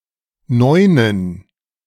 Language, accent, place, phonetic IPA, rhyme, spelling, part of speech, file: German, Germany, Berlin, [ˈnɔɪ̯nən], -ɔɪ̯nən, Neunen, noun, De-Neunen.ogg
- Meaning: plural of Neun